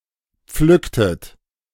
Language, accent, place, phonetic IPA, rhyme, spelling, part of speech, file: German, Germany, Berlin, [ˈp͡flʏktət], -ʏktət, pflücktet, verb, De-pflücktet.ogg
- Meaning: inflection of pflücken: 1. second-person plural preterite 2. second-person plural subjunctive II